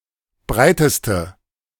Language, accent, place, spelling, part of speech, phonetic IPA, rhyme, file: German, Germany, Berlin, breiteste, adjective, [ˈbʁaɪ̯təstə], -aɪ̯təstə, De-breiteste.ogg
- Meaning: inflection of breit: 1. strong/mixed nominative/accusative feminine singular superlative degree 2. strong nominative/accusative plural superlative degree